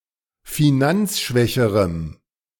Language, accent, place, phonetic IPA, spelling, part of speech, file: German, Germany, Berlin, [fiˈnant͡sˌʃvɛçəʁəm], finanzschwächerem, adjective, De-finanzschwächerem.ogg
- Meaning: strong dative masculine/neuter singular comparative degree of finanzschwach